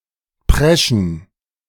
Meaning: to rush, to charge (to move quickly and without concern for one's surroundings)
- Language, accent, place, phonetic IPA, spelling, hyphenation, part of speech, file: German, Germany, Berlin, [ˈpʁɛʃn̩], preschen, pre‧schen, verb, De-preschen.ogg